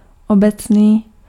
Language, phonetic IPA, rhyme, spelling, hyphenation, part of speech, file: Czech, [ˈobɛt͡sniː], -ɛt͡sniː, obecný, obec‧ný, adjective, Cs-obecný.ogg
- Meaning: 1. general 2. common